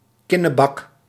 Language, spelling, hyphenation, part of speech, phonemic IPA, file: Dutch, kinnebak, kin‧ne‧bak, noun, /ˈkɪ.nəˌbɑk/, Nl-kinnebak.ogg
- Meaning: lower jaw, jawbone, chin (now particularly of large or pronounced ones)